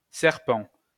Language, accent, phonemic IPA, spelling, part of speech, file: French, France, /sɛʁ.pɑ̃/, Serpent, proper noun, LL-Q150 (fra)-Serpent.wav
- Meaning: Serpens (constellation)